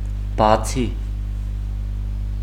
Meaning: besides, except, apart from
- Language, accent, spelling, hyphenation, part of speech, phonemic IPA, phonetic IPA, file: Armenian, Eastern Armenian, բացի, բա‧ցի, preposition, /bɑˈt͡sʰi/, [bɑt͡sʰí], Hy-բացի.ogg